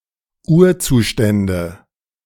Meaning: nominative/accusative/genitive plural of Urzustand
- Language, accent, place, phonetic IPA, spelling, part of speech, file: German, Germany, Berlin, [ˈuːɐ̯ˌt͡suːʃtɛndə], Urzustände, noun, De-Urzustände.ogg